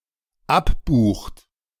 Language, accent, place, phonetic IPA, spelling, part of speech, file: German, Germany, Berlin, [ˈapˌbuːxt], abbucht, verb, De-abbucht.ogg
- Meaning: inflection of abbuchen: 1. third-person singular dependent present 2. second-person plural dependent present